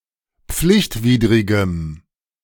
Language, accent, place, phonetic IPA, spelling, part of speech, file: German, Germany, Berlin, [ˈp͡flɪçtˌviːdʁɪɡəm], pflichtwidrigem, adjective, De-pflichtwidrigem.ogg
- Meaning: strong dative masculine/neuter singular of pflichtwidrig